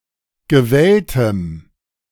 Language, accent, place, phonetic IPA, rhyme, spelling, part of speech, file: German, Germany, Berlin, [ɡəˈvɛltəm], -ɛltəm, gewelltem, adjective, De-gewelltem.ogg
- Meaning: strong dative masculine/neuter singular of gewellt